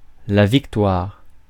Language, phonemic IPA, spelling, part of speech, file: French, /vik.twaʁ/, victoire, noun, Fr-victoire.ogg
- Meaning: victory; win